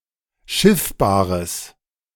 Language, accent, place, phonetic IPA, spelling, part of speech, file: German, Germany, Berlin, [ˈʃɪfbaːʁəs], schiffbares, adjective, De-schiffbares.ogg
- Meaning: strong/mixed nominative/accusative neuter singular of schiffbar